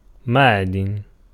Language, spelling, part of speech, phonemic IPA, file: Arabic, معدن, noun, /maʕ.din/, Ar-معدن.ogg
- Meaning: 1. mine, lode, place where a mineral is found 2. mineral 3. metal 4. a pointed hammer to strike rocks, a pickaxe